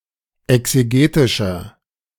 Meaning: inflection of exegetisch: 1. strong/mixed nominative masculine singular 2. strong genitive/dative feminine singular 3. strong genitive plural
- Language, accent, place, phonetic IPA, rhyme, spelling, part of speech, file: German, Germany, Berlin, [ɛkseˈɡeːtɪʃɐ], -eːtɪʃɐ, exegetischer, adjective, De-exegetischer.ogg